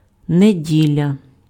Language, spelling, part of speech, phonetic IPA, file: Ukrainian, неділя, noun, [neˈdʲilʲɐ], Uk-неділя.ogg
- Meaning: 1. Sunday 2. week